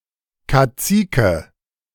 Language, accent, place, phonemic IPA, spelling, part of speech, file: German, Germany, Berlin, /kaˈt͡siːkə/, Kazike, noun, De-Kazike.ogg
- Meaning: cacique